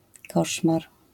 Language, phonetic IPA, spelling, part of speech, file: Polish, [ˈkɔʃmar], koszmar, noun, LL-Q809 (pol)-koszmar.wav